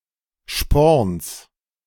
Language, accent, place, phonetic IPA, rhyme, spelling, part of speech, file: German, Germany, Berlin, [ʃpɔʁns], -ɔʁns, Sporns, noun, De-Sporns.ogg
- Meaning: genitive singular of Sporn